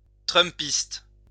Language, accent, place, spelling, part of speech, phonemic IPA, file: French, France, Lyon, trumpiste, noun, /tʁœm.pist/, LL-Q150 (fra)-trumpiste.wav
- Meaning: Trumpist